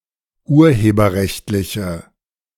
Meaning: inflection of urheberrechtlich: 1. strong/mixed nominative/accusative feminine singular 2. strong nominative/accusative plural 3. weak nominative all-gender singular
- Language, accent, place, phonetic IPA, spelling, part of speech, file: German, Germany, Berlin, [ˈuːɐ̯heːbɐˌʁɛçtlɪçə], urheberrechtliche, adjective, De-urheberrechtliche.ogg